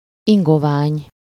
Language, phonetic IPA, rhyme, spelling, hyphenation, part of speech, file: Hungarian, [ˈiŋɡovaːɲ], -aːɲ, ingovány, in‧go‧vány, noun, Hu-ingovány.ogg
- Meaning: bog, swamp, fen, moor